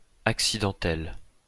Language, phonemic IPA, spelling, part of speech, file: French, /ak.si.dɑ̃.tɛl/, accidentelle, adjective, LL-Q150 (fra)-accidentelle.wav
- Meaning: feminine singular of accidentel